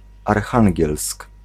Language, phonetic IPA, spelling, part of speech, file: Polish, [arˈxãŋʲɟɛlsk], Archangielsk, proper noun, Pl-Archangielsk.ogg